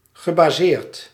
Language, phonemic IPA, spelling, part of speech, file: Dutch, /ɣəbaˈsert/, gebaseerd, verb / adjective, Nl-gebaseerd.ogg
- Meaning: past participle of baseren